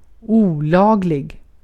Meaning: illegal
- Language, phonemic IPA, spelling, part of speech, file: Swedish, /uːˈlɑːɡlɪɡ/, olaglig, adjective, Sv-olaglig.ogg